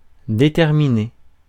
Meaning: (verb) past participle of déterminer; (adjective) 1. determined, resolute, (possessing much determination) 2. precise; exact
- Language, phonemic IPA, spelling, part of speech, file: French, /de.tɛʁ.mi.ne/, déterminé, verb / adjective, Fr-déterminé.ogg